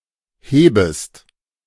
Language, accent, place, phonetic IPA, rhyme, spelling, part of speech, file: German, Germany, Berlin, [ˈheːbəst], -eːbəst, hebest, verb, De-hebest.ogg
- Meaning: second-person singular subjunctive I of heben